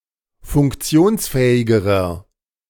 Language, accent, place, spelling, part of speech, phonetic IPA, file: German, Germany, Berlin, funktionsfähigerer, adjective, [fʊŋkˈt͡si̯oːnsˌfɛːɪɡəʁɐ], De-funktionsfähigerer.ogg
- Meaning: inflection of funktionsfähig: 1. strong/mixed nominative masculine singular comparative degree 2. strong genitive/dative feminine singular comparative degree